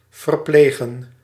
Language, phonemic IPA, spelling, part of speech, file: Dutch, /vərˈpleɣə(n)/, verplegen, verb, Nl-verplegen.ogg
- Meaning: to nurse